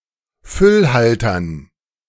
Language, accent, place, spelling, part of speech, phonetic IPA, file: German, Germany, Berlin, Füllhaltern, noun, [ˈfʏlˌhaltɐn], De-Füllhaltern.ogg
- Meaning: dative plural of Füllhalter